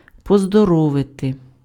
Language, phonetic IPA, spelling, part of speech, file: Ukrainian, [pɔzdɔˈrɔʋete], поздоровити, verb, Uk-поздоровити.ogg
- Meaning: to congratulate, to felicitate (on something: з (z) + instrumental)